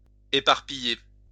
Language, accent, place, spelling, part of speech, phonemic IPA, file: French, France, Lyon, éparpiller, verb, /e.paʁ.pi.je/, LL-Q150 (fra)-éparpiller.wav
- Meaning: to scatter